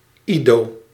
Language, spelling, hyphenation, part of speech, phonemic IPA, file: Dutch, Ido, Ido, proper noun, /ˈi.doː/, Nl-Ido.ogg
- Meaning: Ido